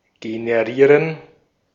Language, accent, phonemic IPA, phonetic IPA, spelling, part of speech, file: German, Austria, /ɡenəˈʁiːʁən/, [ɡenəˈʁiːɐ̯n], generieren, verb, De-at-generieren.ogg
- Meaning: to generate